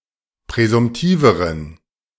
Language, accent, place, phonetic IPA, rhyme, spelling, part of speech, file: German, Germany, Berlin, [pʁɛzʊmˈtiːvəʁən], -iːvəʁən, präsumtiveren, adjective, De-präsumtiveren.ogg
- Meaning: inflection of präsumtiv: 1. strong genitive masculine/neuter singular comparative degree 2. weak/mixed genitive/dative all-gender singular comparative degree